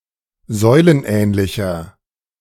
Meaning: 1. comparative degree of säulenähnlich 2. inflection of säulenähnlich: strong/mixed nominative masculine singular 3. inflection of säulenähnlich: strong genitive/dative feminine singular
- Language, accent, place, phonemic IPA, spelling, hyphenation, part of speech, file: German, Germany, Berlin, /ˈzɔɪ̯lənˌʔɛːnlɪçɐ/, säulenähnlicher, säu‧len‧ähn‧li‧cher, adjective, De-säulenähnlicher.ogg